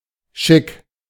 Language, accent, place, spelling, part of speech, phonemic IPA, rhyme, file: German, Germany, Berlin, Chic, noun, /ʃɪk/, -ɪk, De-Chic.ogg
- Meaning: chic